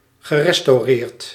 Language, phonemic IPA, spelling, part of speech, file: Dutch, /ɣəˌrɛstoˈrert/, gerestaureerd, verb, Nl-gerestaureerd.ogg
- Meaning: past participle of restaureren